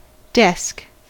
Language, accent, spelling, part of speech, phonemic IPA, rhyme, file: English, General American, desk, noun / verb, /dɛsk/, -ɛsk, En-us-desk.ogg
- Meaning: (noun) A table, frame, or case, in past centuries usually with a sloping top but now usually with a flat top, for the use of writers and readers. It often has a drawer or repository underneath